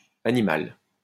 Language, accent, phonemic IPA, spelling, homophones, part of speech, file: French, France, /a.ni.mal/, animale, animal / animales, adjective, LL-Q150 (fra)-animale.wav
- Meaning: feminine singular of animal